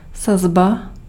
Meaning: 1. typesetting 2. rate (price or fee determined in relation to a particular scale or standard)
- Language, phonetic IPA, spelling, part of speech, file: Czech, [ˈsazba], sazba, noun, Cs-sazba.ogg